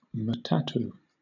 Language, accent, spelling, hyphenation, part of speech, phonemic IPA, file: English, Southern England, matatu, ma‧ta‧tu, noun, /məˈtætuː/, LL-Q1860 (eng)-matatu.wav
- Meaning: A minivan used as a shared taxi, especially one operating without a licence